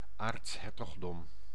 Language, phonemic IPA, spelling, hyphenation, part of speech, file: Dutch, /ˈaːrtsˌɦɛr.tɔx.dɔm/, aartshertogdom, aarts‧her‧tog‧dom, noun, Nl-aartshertogdom.ogg
- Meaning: archduchy, the title and/or territory of an archduke